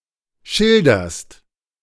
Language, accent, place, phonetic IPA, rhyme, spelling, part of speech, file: German, Germany, Berlin, [ˈʃɪldɐst], -ɪldɐst, schilderst, verb, De-schilderst.ogg
- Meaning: second-person singular present of schildern